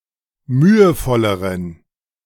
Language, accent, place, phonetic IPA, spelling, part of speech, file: German, Germany, Berlin, [ˈmyːəˌfɔləʁən], mühevolleren, adjective, De-mühevolleren.ogg
- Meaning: inflection of mühevoll: 1. strong genitive masculine/neuter singular comparative degree 2. weak/mixed genitive/dative all-gender singular comparative degree